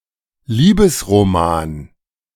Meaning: romance novel
- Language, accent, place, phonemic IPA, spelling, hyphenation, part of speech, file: German, Germany, Berlin, /ˈliːbəsʁoˌmaːn/, Liebesroman, Lie‧bes‧ro‧man, noun, De-Liebesroman.ogg